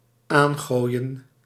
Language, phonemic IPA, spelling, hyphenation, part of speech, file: Dutch, /ˈaːnˌɣoːi̯.ən/, aangooien, aan‧gooi‧en, verb, Nl-aangooien.ogg
- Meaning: to throw (to)